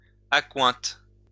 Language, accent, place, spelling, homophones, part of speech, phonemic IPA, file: French, France, Lyon, accointe, accointent / accointes, verb, /a.kwɛ̃t/, LL-Q150 (fra)-accointe.wav
- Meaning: inflection of accointer: 1. first/third-person singular present indicative/subjunctive 2. second-person singular imperative